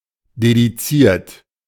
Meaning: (verb) past participle of dedizieren; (adjective) dedicated
- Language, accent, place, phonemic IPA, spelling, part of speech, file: German, Germany, Berlin, /dediˈt͡siːɐ̯t/, dediziert, verb / adjective, De-dediziert.ogg